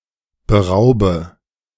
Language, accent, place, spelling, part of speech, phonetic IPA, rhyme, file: German, Germany, Berlin, beraube, verb, [bəˈʁaʊ̯bə], -aʊ̯bə, De-beraube.ogg
- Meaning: inflection of berauben: 1. first-person singular present 2. first/third-person singular subjunctive I 3. singular imperative